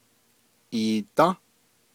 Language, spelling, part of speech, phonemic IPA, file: Navajo, iidą́, verb, /ʔìːtɑ̃́/, Nv-iidą́.ogg
- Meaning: first-person duoplural durative of ayą́